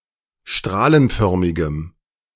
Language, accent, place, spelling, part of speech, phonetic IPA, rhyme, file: German, Germany, Berlin, strahlenförmigem, adjective, [ˈʃtʁaːlənˌfœʁmɪɡəm], -aːlənfœʁmɪɡəm, De-strahlenförmigem.ogg
- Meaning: strong dative masculine/neuter singular of strahlenförmig